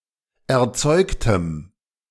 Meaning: strong dative masculine/neuter singular of erzeugt
- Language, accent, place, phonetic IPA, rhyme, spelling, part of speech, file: German, Germany, Berlin, [ɛɐ̯ˈt͡sɔɪ̯ktəm], -ɔɪ̯ktəm, erzeugtem, adjective, De-erzeugtem.ogg